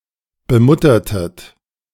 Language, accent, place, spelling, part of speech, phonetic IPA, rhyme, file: German, Germany, Berlin, bemuttertet, verb, [bəˈmʊtɐtət], -ʊtɐtət, De-bemuttertet.ogg
- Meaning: inflection of bemuttern: 1. second-person plural preterite 2. second-person plural subjunctive II